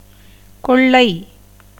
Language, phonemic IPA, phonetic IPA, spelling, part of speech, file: Tamil, /koɭːɐɪ̯/, [ko̞ɭːɐɪ̯], கொள்ளை, noun, Ta-கொள்ளை.ogg
- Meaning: 1. pillage, plunder, robbery 2. excess, abundance, copiousness 3. crowd, throng 4. plague, pestilence, epidemic 5. hindrance, obstacle, difficulty 6. price 7. use, profit